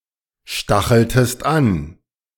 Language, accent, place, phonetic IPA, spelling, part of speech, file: German, Germany, Berlin, [ˌʃtaxl̩təst ˈan], stacheltest an, verb, De-stacheltest an.ogg
- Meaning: inflection of anstacheln: 1. second-person singular preterite 2. second-person singular subjunctive II